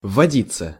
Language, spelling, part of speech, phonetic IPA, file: Russian, вводиться, verb, [vːɐˈdʲit͡sːə], Ru-вводиться.ogg
- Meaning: passive of вводи́ть (vvodítʹ)